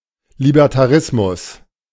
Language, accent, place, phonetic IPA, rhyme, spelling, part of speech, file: German, Germany, Berlin, [libɛʁtaˈʁɪsmʊs], -ɪsmʊs, Libertarismus, noun, De-Libertarismus.ogg
- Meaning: libertarianism